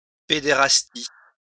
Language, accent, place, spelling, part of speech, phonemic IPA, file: French, France, Lyon, pédérastie, noun, /pe.de.ʁas.ti/, LL-Q150 (fra)-pédérastie.wav
- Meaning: pederasty